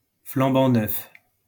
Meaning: brand new
- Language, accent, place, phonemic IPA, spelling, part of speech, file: French, France, Lyon, /flɑ̃.bɑ̃ nœf/, flambant neuf, adjective, LL-Q150 (fra)-flambant neuf.wav